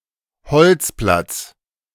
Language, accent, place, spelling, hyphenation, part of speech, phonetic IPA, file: German, Germany, Berlin, Holzplatz, Holz‧platz, noun, [ˈhɔlt͡splats], De-Holzplatz.ogg
- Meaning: woodyard